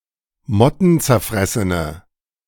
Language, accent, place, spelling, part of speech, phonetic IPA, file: German, Germany, Berlin, mottenzerfressene, adjective, [ˈmɔtn̩t͡sɛɐ̯ˌfʁɛsənə], De-mottenzerfressene.ogg
- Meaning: inflection of mottenzerfressen: 1. strong/mixed nominative/accusative feminine singular 2. strong nominative/accusative plural 3. weak nominative all-gender singular